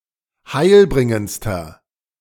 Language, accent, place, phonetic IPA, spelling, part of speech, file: German, Germany, Berlin, [ˈhaɪ̯lˌbʁɪŋənt͡stɐ], heilbringendster, adjective, De-heilbringendster.ogg
- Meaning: inflection of heilbringend: 1. strong/mixed nominative masculine singular superlative degree 2. strong genitive/dative feminine singular superlative degree 3. strong genitive plural superlative degree